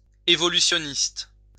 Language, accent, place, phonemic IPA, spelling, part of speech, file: French, France, Lyon, /e.vɔ.ly.sjɔ.nist/, évolutionniste, adjective / noun, LL-Q150 (fra)-évolutionniste.wav
- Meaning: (adjective) evolutionist, Darwinist